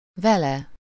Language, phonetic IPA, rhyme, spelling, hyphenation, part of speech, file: Hungarian, [ˈvɛlɛ], -lɛ, vele, ve‧le, pronoun, Hu-vele.ogg
- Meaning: with him/her